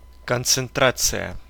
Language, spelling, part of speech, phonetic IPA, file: Russian, концентрация, noun, [kənt͡sɨnˈtrat͡sɨjə], Ru-концентрация.ogg
- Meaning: concentration